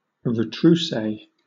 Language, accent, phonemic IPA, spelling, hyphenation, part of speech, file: English, Southern England, /ɹəˈtɹuːseɪ/, retroussé, re‧trous‧sé, adjective, LL-Q1860 (eng)-retroussé.wav
- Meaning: Turned up, especially when describing the nose